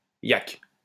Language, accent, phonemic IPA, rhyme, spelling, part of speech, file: French, France, /jak/, -ak, yak, noun, LL-Q150 (fra)-yak.wav
- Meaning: alternative spelling of yack